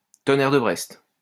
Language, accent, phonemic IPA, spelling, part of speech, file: French, France, /tɔ.nɛʁ də bʁɛst/, tonnerre de Brest, interjection, LL-Q150 (fra)-tonnerre de Brest.wav
- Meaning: damn!